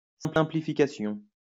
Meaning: simplification
- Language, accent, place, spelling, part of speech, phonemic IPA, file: French, France, Lyon, simplification, noun, /sɛ̃.pli.fi.ka.sjɔ̃/, LL-Q150 (fra)-simplification.wav